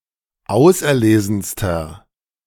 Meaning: inflection of auserlesen: 1. strong/mixed nominative masculine singular superlative degree 2. strong genitive/dative feminine singular superlative degree 3. strong genitive plural superlative degree
- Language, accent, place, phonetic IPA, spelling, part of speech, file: German, Germany, Berlin, [ˈaʊ̯sʔɛɐ̯ˌleːzn̩stɐ], auserlesenster, adjective, De-auserlesenster.ogg